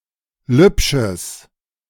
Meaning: strong/mixed nominative/accusative neuter singular of lübsch
- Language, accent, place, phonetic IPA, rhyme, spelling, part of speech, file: German, Germany, Berlin, [ˈlʏpʃəs], -ʏpʃəs, lübsches, adjective, De-lübsches.ogg